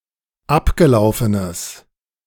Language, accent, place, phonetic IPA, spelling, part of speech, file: German, Germany, Berlin, [ˈapɡəˌlaʊ̯fənəs], abgelaufenes, adjective, De-abgelaufenes.ogg
- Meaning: strong/mixed nominative/accusative neuter singular of abgelaufen